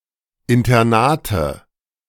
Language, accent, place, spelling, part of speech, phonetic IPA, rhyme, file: German, Germany, Berlin, Internate, noun, [ɪntɐˈnaːtə], -aːtə, De-Internate.ogg
- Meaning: nominative/accusative/genitive plural of Internat